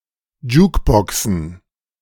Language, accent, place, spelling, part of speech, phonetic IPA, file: German, Germany, Berlin, Jukeboxen, noun, [ˈd͡ʒuːkbɔksn̩], De-Jukeboxen.ogg
- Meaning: plural of Jukebox